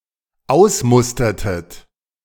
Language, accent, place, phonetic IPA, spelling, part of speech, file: German, Germany, Berlin, [ˈaʊ̯sˌmʊstɐtət], ausmustertet, verb, De-ausmustertet.ogg
- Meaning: inflection of ausmustern: 1. second-person plural dependent preterite 2. second-person plural dependent subjunctive II